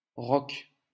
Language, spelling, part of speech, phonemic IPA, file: French, Roch, proper noun, /ʁɔk/, LL-Q150 (fra)-Roch.wav
- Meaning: a male given name, equivalent to English Rocco